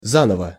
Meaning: anew, freshly, again (usually in a different way to before)
- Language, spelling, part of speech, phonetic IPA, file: Russian, заново, adverb, [ˈzanəvə], Ru-заново.ogg